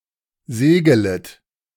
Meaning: second-person plural subjunctive I of segeln
- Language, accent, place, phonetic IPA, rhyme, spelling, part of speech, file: German, Germany, Berlin, [ˈzeːɡələt], -eːɡələt, segelet, verb, De-segelet.ogg